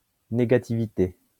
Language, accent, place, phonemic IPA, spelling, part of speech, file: French, France, Lyon, /ne.ɡa.ti.vi.te/, négativité, noun, LL-Q150 (fra)-négativité.wav
- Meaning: negativity